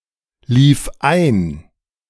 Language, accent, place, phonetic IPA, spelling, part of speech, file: German, Germany, Berlin, [ˌliːf ˈaɪ̯n], lief ein, verb, De-lief ein.ogg
- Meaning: first/third-person singular preterite of einlaufen